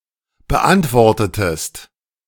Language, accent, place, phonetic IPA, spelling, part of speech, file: German, Germany, Berlin, [bəˈʔantvɔʁtətəst], beantwortetest, verb, De-beantwortetest.ogg
- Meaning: inflection of beantworten: 1. second-person singular preterite 2. second-person singular subjunctive II